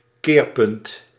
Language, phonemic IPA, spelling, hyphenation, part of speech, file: Dutch, /ˈkeːr.pʏnt/, keerpunt, keer‧punt, noun, Nl-keerpunt.ogg
- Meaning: turning point